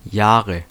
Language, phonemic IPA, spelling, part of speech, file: German, /ˈjaːʁə/, Jahre, noun, De-Jahre.ogg
- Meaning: 1. nominative/accusative/genitive plural of Jahr "years" 2. dative singular of Jahr